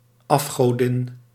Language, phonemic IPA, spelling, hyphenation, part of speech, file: Dutch, /ˌɑf.xoːˈdɪn/, afgodin, af‧go‧din, noun, Nl-afgodin.ogg
- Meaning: female idol (goddess considered to be false by the speaker)